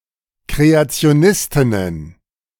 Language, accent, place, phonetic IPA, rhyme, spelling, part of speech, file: German, Germany, Berlin, [kʁeat͡si̯oˈnɪstɪnən], -ɪstɪnən, Kreationistinnen, noun, De-Kreationistinnen.ogg
- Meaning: plural of Kreationistin